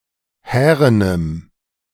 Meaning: strong dative masculine/neuter singular of hären
- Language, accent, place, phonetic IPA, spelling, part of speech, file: German, Germany, Berlin, [ˈhɛːʁənəm], härenem, adjective, De-härenem.ogg